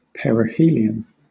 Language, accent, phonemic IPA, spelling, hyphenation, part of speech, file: English, Southern England, /ˌpɛɹ.ɪˈhiː.lɪ.ən/, perihelion, pe‧ri‧he‧li‧on, noun, LL-Q1860 (eng)-perihelion.wav
- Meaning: 1. The point in the elliptical orbit of a comet, planet, etc., where it is nearest to the Sun 2. The highest point or state; the peak, zenith